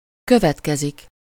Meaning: 1. to follow 2. to result from something
- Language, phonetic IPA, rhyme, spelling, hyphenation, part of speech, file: Hungarian, [ˈkøvɛtkɛzik], -ɛzik, következik, kö‧vet‧ke‧zik, verb, Hu-következik.ogg